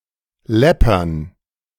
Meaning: to mount up from small individual amounts to a large sum
- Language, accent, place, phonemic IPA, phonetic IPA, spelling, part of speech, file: German, Germany, Berlin, /ˈlɛpərn/, [ˈlɛ.pɐn], läppern, verb, De-läppern.ogg